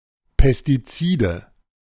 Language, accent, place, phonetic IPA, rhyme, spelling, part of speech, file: German, Germany, Berlin, [pɛstiˈt͡siːdə], -iːdə, Pestizide, noun, De-Pestizide.ogg
- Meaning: nominative/accusative/genitive plural of Pestizid